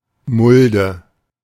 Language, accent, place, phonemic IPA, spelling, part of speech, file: German, Germany, Berlin, /ˈmʊldə/, Mulde, noun, De-Mulde.ogg
- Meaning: 1. hollow (lowered area on a surface) 2. hollow; depression 3. shallow container; trough